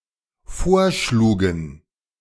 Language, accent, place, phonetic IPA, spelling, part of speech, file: German, Germany, Berlin, [ˈfoːɐ̯ˌʃluːɡn̩], vorschlugen, verb, De-vorschlugen.ogg
- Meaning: first/third-person plural dependent preterite of vorschlagen